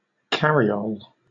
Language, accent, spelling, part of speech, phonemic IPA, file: English, Southern England, cariole, noun, /ˈkæɹiˌoʊl/, LL-Q1860 (eng)-cariole.wav
- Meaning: 1. A small, light, open one-horse carriage 2. A covered cart 3. A kind of calash 4. A sleigh drawn by horses, with seats for a driver and possibly passengers